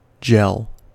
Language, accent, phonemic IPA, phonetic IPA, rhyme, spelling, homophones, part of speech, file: English, US, /d͡ʒɛl/, [d͡ʒɛɫ], -ɛl, gel, jel / jell, noun / verb, En-us-gel.ogg
- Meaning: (noun) A semi-solid to almost solid colloid of a solid and a liquid, such as jelly, cheese or opal